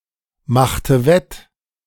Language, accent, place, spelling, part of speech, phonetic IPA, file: German, Germany, Berlin, machte wett, verb, [ˌmaxtə ˈvɛt], De-machte wett.ogg
- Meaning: inflection of wettmachen: 1. first/third-person singular preterite 2. first/third-person singular subjunctive II